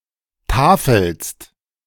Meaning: second-person singular present of tafeln
- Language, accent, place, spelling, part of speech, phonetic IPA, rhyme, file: German, Germany, Berlin, tafelst, verb, [ˈtaːfl̩st], -aːfl̩st, De-tafelst.ogg